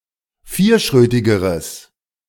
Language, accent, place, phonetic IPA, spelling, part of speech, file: German, Germany, Berlin, [ˈfiːɐ̯ˌʃʁøːtɪɡəʁəs], vierschrötigeres, adjective, De-vierschrötigeres.ogg
- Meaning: strong/mixed nominative/accusative neuter singular comparative degree of vierschrötig